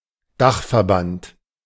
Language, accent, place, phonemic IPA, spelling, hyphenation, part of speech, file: German, Germany, Berlin, /ˈdaχfɛɐ̯ˌbant/, Dachverband, Dach‧ver‧band, noun, De-Dachverband.ogg
- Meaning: umbrella organization / umbrella organisation